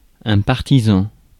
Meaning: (noun) 1. supporter, proponent, advocate 2. fan; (adjective) 1. partisan, partial 2. in favour of
- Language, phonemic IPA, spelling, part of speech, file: French, /paʁ.ti.zɑ̃/, partisan, noun / adjective, Fr-partisan.ogg